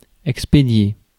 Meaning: 1. to post, to send, to ship 2. to expedite 3. to deal with quickly, to get rid of
- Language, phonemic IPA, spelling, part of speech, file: French, /ɛk.spe.dje/, expédier, verb, Fr-expédier.ogg